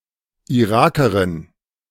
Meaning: Iraqi (female person from Iraq)
- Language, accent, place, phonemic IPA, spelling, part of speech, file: German, Germany, Berlin, /iˈʁaːkɐʁɪn/, Irakerin, noun, De-Irakerin.ogg